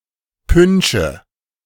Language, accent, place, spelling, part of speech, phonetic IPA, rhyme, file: German, Germany, Berlin, Pünsche, noun, [ˈpʏnʃə], -ʏnʃə, De-Pünsche.ogg
- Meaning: nominative/accusative/genitive plural of Punsch